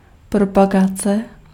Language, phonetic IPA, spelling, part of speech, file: Czech, [ˈpropaɡat͡sɛ], propagace, noun, Cs-propagace.ogg
- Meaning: promotion (marketing)